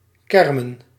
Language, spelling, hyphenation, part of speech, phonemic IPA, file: Dutch, kermen, ker‧men, verb, /ˈkɛr.mə(n)/, Nl-kermen.ogg
- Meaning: to moan, to groan